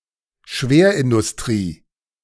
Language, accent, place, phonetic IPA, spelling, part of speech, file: German, Germany, Berlin, [ˈʃveːɐ̯ʔɪndʊsˌtʁiː], Schwerindustrie, noun, De-Schwerindustrie.ogg
- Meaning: heavy industry